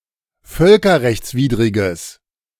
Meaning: strong/mixed nominative/accusative neuter singular of völkerrechtswidrig
- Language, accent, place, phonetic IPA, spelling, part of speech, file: German, Germany, Berlin, [ˈfœlkɐʁɛçt͡sˌviːdʁɪɡəs], völkerrechtswidriges, adjective, De-völkerrechtswidriges.ogg